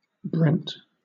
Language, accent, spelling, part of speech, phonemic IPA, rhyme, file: English, Southern England, Brent, proper noun, /bɹɛnt/, -ɛnt, LL-Q1860 (eng)-Brent.wav
- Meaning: 1. A habitational surname from Old English 2. A male given name transferred from the surname, of 20th century and later usage